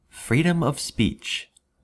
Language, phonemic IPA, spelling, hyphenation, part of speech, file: English, /ˈfɹiː.dəm əv ˌspiːt͡ʃ/, freedom of speech, free‧dom of speech, noun, En-us-freedom of speech.ogg
- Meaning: 1. The right of citizens to speak, or otherwise communicate, without fear of harm or prosecution 2. Used other than figuratively or idiomatically: see freedom, speech